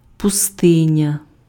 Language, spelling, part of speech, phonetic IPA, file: Ukrainian, пустиня, noun, [pʊˈstɪnʲɐ], Uk-пустиня.ogg
- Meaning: desert